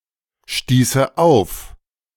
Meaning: first/third-person singular subjunctive II of aufstoßen
- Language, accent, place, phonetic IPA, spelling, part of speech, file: German, Germany, Berlin, [ˌʃtiːsə ˈaʊ̯f], stieße auf, verb, De-stieße auf.ogg